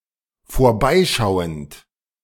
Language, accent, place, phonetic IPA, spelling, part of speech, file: German, Germany, Berlin, [foːɐ̯ˈbaɪ̯ˌʃaʊ̯ənt], vorbeischauend, verb, De-vorbeischauend.ogg
- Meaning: present participle of vorbeischauen